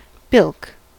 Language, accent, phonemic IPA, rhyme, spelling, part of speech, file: English, US, /bɪlk/, -ɪlk, bilk, noun / verb, En-us-bilk.ogg
- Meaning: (noun) 1. The spoiling of someone's score in the crib 2. A deception, a hoax 3. A cheat or swindler; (verb) To spoil the score of (someone) in cribbage